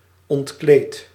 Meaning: inflection of ontkleden: 1. first-person singular present indicative 2. second-person singular present indicative 3. imperative
- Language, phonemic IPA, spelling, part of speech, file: Dutch, /ɔntˈklet/, ontkleed, verb / adjective, Nl-ontkleed.ogg